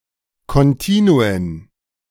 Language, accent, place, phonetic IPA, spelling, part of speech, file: German, Germany, Berlin, [ˌkɔnˈtiːnuən], Kontinuen, noun, De-Kontinuen.ogg
- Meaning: plural of Kontinuum